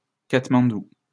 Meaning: Kathmandu (the capital city of Nepal)
- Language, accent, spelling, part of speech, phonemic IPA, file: French, France, Katmandou, proper noun, /kat.mɑ̃.du/, LL-Q150 (fra)-Katmandou.wav